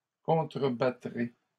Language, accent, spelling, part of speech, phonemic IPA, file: French, Canada, contrebattrez, verb, /kɔ̃.tʁə.ba.tʁe/, LL-Q150 (fra)-contrebattrez.wav
- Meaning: second-person plural future of contrebattre